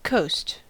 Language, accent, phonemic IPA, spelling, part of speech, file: English, General American, /koʊst/, coast, noun / verb, En-us-coast.ogg
- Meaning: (noun) 1. The edge of the land where it meets an ocean, sea, gulf, bay, or large lake 2. The side or edge of something 3. A region of land; a district or country 4. A region of the air or heavens